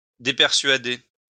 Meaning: to dissuade
- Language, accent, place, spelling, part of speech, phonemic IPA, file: French, France, Lyon, dépersuader, verb, /de.pɛʁ.sɥa.de/, LL-Q150 (fra)-dépersuader.wav